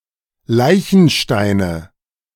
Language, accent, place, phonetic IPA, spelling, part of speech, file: German, Germany, Berlin, [ˈlaɪ̯çn̩ʃtaɪ̯nə], Leichensteine, noun, De-Leichensteine.ogg
- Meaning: nominative/accusative/genitive plural of Leichenstein